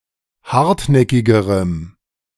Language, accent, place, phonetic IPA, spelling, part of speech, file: German, Germany, Berlin, [ˈhaʁtˌnɛkɪɡəʁəm], hartnäckigerem, adjective, De-hartnäckigerem.ogg
- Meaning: strong dative masculine/neuter singular comparative degree of hartnäckig